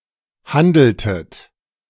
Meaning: inflection of handeln: 1. second-person plural preterite 2. second-person plural subjunctive II
- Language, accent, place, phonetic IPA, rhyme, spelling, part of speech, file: German, Germany, Berlin, [ˈhandl̩tət], -andl̩tət, handeltet, verb, De-handeltet.ogg